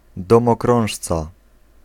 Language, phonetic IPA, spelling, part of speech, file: Polish, [ˌdɔ̃mɔˈkrɔ̃w̃ʃt͡sa], domokrążca, noun, Pl-domokrążca.ogg